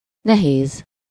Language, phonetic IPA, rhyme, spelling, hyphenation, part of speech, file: Hungarian, [ˈnɛɦeːz], -eːz, nehéz, ne‧héz, adjective / noun, Hu-nehéz.ogg
- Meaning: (adjective) 1. difficult (requiring a lot of effort to do or understand) 2. heavy; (noun) 1. the (most) difficult part of a task 2. the heaviness, difficulty, or burden of something